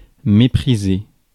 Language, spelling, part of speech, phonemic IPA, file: French, mépriser, verb, /me.pʁi.ze/, Fr-mépriser.ogg
- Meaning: to hate, despise, scorn, disdain